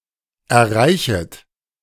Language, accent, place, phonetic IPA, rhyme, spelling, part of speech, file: German, Germany, Berlin, [ɛɐ̯ˈʁaɪ̯çət], -aɪ̯çət, erreichet, verb, De-erreichet.ogg
- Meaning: second-person plural subjunctive I of erreichen